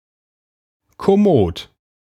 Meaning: comfortable, commodious
- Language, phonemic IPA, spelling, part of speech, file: German, /kɔˈmoːt/, kommod, adjective, De-kommod.ogg